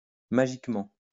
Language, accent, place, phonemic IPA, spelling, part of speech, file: French, France, Lyon, /ma.ʒik.mɑ̃/, magiquement, adverb, LL-Q150 (fra)-magiquement.wav
- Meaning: magically